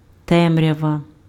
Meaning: darkness
- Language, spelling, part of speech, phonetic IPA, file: Ukrainian, темрява, noun, [ˈtɛmrʲɐʋɐ], Uk-темрява.ogg